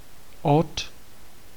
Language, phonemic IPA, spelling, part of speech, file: Czech, /ot/, od, preposition, Cs-od.ogg
- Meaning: 1. from 2. since 3. of